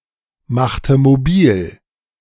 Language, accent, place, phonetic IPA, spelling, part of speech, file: German, Germany, Berlin, [ˌmaxtə moˈbiːl], machte mobil, verb, De-machte mobil.ogg
- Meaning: inflection of mobilmachen: 1. first/third-person singular preterite 2. first/third-person singular subjunctive II